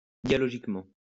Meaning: dialogically
- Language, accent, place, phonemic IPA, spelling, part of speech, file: French, France, Lyon, /dja.lɔ.ʒik.mɑ̃/, dialogiquement, adverb, LL-Q150 (fra)-dialogiquement.wav